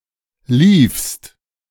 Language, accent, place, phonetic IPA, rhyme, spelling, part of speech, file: German, Germany, Berlin, [liːfst], -iːfst, liefst, verb, De-liefst.ogg
- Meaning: second-person singular preterite of laufen